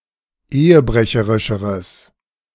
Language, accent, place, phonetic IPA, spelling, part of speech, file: German, Germany, Berlin, [ˈeːəˌbʁɛçəʁɪʃəʁəs], ehebrecherischeres, adjective, De-ehebrecherischeres.ogg
- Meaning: strong/mixed nominative/accusative neuter singular comparative degree of ehebrecherisch